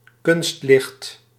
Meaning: artificial light, artificial lighting
- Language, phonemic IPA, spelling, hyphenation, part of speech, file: Dutch, /ˈkʏnst.lɪxt/, kunstlicht, kunst‧licht, noun, Nl-kunstlicht.ogg